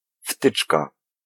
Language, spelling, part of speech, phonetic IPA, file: Polish, wtyczka, noun, [ˈftɨt͡ʃka], Pl-wtyczka.ogg